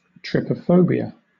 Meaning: An irrational or obsessive fear of irregular patterns or clusters of small holes, such as those found in honeycombs
- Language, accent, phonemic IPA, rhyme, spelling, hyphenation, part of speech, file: English, Southern England, /ˌtɹɪpəˈfəʊbi.ə/, -əʊbiə, trypophobia, try‧po‧pho‧bia, noun, LL-Q1860 (eng)-trypophobia.wav